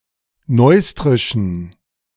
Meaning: inflection of neustrisch: 1. strong genitive masculine/neuter singular 2. weak/mixed genitive/dative all-gender singular 3. strong/weak/mixed accusative masculine singular 4. strong dative plural
- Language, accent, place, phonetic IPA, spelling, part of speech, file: German, Germany, Berlin, [ˈnɔɪ̯stʁɪʃn̩], neustrischen, adjective, De-neustrischen.ogg